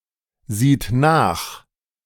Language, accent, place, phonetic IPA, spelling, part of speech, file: German, Germany, Berlin, [ˌziːt ˈnaːx], sieht nach, verb, De-sieht nach.ogg
- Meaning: third-person singular present of nachsehen